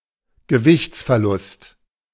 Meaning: weight loss
- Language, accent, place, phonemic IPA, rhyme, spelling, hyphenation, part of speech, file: German, Germany, Berlin, /ɡəˈvɪçt͡sfɛɐ̯ˌlʊst/, -ʊst, Gewichtsverlust, Ge‧wichts‧ver‧lust, noun, De-Gewichtsverlust.ogg